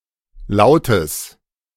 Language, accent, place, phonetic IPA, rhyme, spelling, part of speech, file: German, Germany, Berlin, [ˈlaʊ̯təs], -aʊ̯təs, Lautes, noun, De-Lautes.ogg
- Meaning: genitive singular of Laut